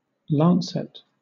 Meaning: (noun) A sharp, pointed, two-edged surgical instrument used in venesection and for opening abscesses etc
- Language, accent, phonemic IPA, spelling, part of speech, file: English, Southern England, /ˈlɑːn.sɪt/, lancet, noun / verb, LL-Q1860 (eng)-lancet.wav